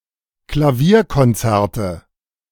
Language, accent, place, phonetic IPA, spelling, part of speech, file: German, Germany, Berlin, [klaˈviːɐ̯kɔnˌt͡sɛʁtə], Klavierkonzerte, noun, De-Klavierkonzerte.ogg
- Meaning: nominative/accusative/genitive plural of Klavierkonzert